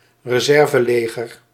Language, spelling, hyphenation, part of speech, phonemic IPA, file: Dutch, reserveleger, re‧ser‧ve‧le‧ger, noun, /rəˈzɛr.vəˌleː.ɣər/, Nl-reserveleger.ogg
- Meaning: a reserve army